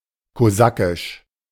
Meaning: Cossack
- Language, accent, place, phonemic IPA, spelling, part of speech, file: German, Germany, Berlin, /koˈzakɪʃ/, kosakisch, adjective, De-kosakisch.ogg